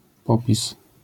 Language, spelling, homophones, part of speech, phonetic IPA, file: Polish, popis, POPiS, noun, [ˈpɔpʲis], LL-Q809 (pol)-popis.wav